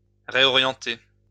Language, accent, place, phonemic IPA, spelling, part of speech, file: French, France, Lyon, /ʁe.ɔ.ʁjɑ̃.te/, réorienter, verb, LL-Q150 (fra)-réorienter.wav
- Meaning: 1. to reorientate, redirect 2. to transfer 3. to change one's major; to switch careers; to retrain